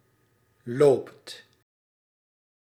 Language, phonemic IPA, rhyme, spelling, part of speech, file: Dutch, /loːpt/, -oːpt, loopt, verb, Nl-loopt.ogg
- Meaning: inflection of lopen: 1. second/third-person singular present indicative 2. plural imperative